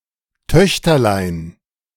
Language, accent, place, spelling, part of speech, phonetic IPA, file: German, Germany, Berlin, Töchterlein, noun, [ˈtœçtɐlaɪ̯n], De-Töchterlein.ogg
- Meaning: diminutive of Tochter